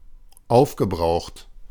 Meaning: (verb) past participle of aufbrauchen; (adjective) 1. exhausted, consumed 2. depleted
- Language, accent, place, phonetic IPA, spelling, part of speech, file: German, Germany, Berlin, [ˈaʊ̯fɡəˌbʁaʊ̯xt], aufgebraucht, verb, De-aufgebraucht.ogg